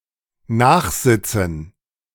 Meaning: to be in detention
- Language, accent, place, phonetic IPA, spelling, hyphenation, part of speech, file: German, Germany, Berlin, [ˈnaːχˌzɪt͡sn̩], nachsitzen, nach‧sit‧zen, verb, De-nachsitzen.ogg